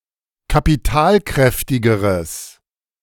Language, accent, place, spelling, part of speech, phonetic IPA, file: German, Germany, Berlin, kapitalkräftigeres, adjective, [kapiˈtaːlˌkʁɛftɪɡəʁəs], De-kapitalkräftigeres.ogg
- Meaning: strong/mixed nominative/accusative neuter singular comparative degree of kapitalkräftig